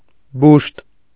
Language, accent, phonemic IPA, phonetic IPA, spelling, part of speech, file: Armenian, Eastern Armenian, /buʃt/, [buʃt], բուշտ, noun, Hy-բուշտ.ogg
- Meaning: 1. urinary bladder 2. abscess, swelling